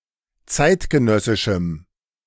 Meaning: strong dative masculine/neuter singular of zeitgenössisch
- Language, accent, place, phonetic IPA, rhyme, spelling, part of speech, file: German, Germany, Berlin, [ˈt͡saɪ̯tɡəˌnœsɪʃm̩], -aɪ̯tɡənœsɪʃm̩, zeitgenössischem, adjective, De-zeitgenössischem.ogg